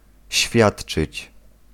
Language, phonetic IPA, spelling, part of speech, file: Polish, [ˈɕfʲjaṭt͡ʃɨt͡ɕ], świadczyć, verb, Pl-świadczyć.ogg